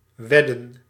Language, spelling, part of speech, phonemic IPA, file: Dutch, wedden, verb / noun, /ˈwɛdə(n)/, Nl-wedden.ogg
- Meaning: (verb) to wager, to bet, to accept a gamble; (noun) plural of wedde